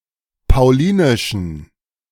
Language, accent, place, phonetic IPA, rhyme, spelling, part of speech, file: German, Germany, Berlin, [paʊ̯ˈliːnɪʃɐ], -iːnɪʃɐ, paulinischer, adjective, De-paulinischer.ogg
- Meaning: inflection of paulinisch: 1. strong/mixed nominative masculine singular 2. strong genitive/dative feminine singular 3. strong genitive plural